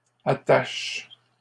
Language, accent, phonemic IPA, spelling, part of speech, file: French, Canada, /a.taʃ/, attache, noun / verb, LL-Q150 (fra)-attache.wav
- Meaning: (noun) Fastener; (verb) inflection of attacher: 1. first/third-person singular present indicative/subjunctive 2. second-person singular imperative